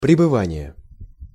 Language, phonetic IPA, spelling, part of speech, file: Russian, [prʲɪbɨˈvanʲɪje], пребывание, noun, Ru-пребывание.ogg
- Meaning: stay, sojourn (abode, holiday or temporary residence)